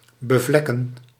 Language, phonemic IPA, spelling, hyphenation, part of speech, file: Dutch, /bəˈvlɛkə(n)/, bevlekken, be‧vlek‧ken, verb, Nl-bevlekken.ogg
- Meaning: 1. to stain, to soil 2. to masturbate, to self-pollute